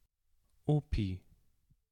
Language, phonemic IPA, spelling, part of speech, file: German, /ˈoːpi/, Opi, noun, De-Opi.ogg
- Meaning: grandpa